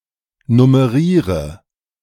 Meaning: inflection of nummerieren: 1. first-person singular present 2. first/third-person singular subjunctive I 3. singular imperative
- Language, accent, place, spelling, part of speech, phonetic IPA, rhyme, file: German, Germany, Berlin, nummeriere, verb, [nʊməˈʁiːʁə], -iːʁə, De-nummeriere.ogg